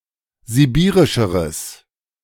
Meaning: strong/mixed nominative/accusative neuter singular comparative degree of sibirisch
- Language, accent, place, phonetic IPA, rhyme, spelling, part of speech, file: German, Germany, Berlin, [ziˈbiːʁɪʃəʁəs], -iːʁɪʃəʁəs, sibirischeres, adjective, De-sibirischeres.ogg